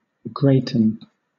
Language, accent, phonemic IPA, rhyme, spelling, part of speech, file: English, Southern England, /ˈɡɹeɪtən/, -eɪtən, greaten, verb, LL-Q1860 (eng)-greaten.wav
- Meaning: 1. To become great or large; increase; dilate 2. To become great with child; become pregnant 3. To make great; magnify; enlarge; increase